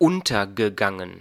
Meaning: past participle of untergehen
- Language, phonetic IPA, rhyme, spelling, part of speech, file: German, [ˈʊntɐɡəˌɡaŋən], -ʊntɐɡəɡaŋən, untergegangen, verb, De-untergegangen.ogg